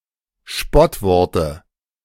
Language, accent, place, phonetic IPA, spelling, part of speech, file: German, Germany, Berlin, [ˈʃpɔtˌvɔʁtə], Spottworte, noun, De-Spottworte.ogg
- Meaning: dative singular of Spottwort